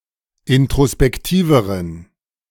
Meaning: inflection of introspektiv: 1. strong genitive masculine/neuter singular comparative degree 2. weak/mixed genitive/dative all-gender singular comparative degree
- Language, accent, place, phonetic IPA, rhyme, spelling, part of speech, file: German, Germany, Berlin, [ɪntʁospɛkˈtiːvəʁən], -iːvəʁən, introspektiveren, adjective, De-introspektiveren.ogg